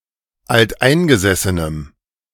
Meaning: strong dative masculine/neuter singular of alteingesessen
- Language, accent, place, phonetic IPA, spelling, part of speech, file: German, Germany, Berlin, [altˈʔaɪ̯nɡəzɛsənəm], alteingesessenem, adjective, De-alteingesessenem.ogg